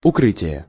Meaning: 1. covering, wrapping 2. concealment 3. cover, shelter
- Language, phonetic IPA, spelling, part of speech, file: Russian, [ʊˈkrɨtʲɪje], укрытие, noun, Ru-укрытие.ogg